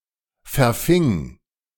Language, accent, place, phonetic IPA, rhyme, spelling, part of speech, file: German, Germany, Berlin, [fɛɐ̯ˈfɪŋ], -ɪŋ, verfing, verb, De-verfing.ogg
- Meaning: first/third-person singular preterite of verfangen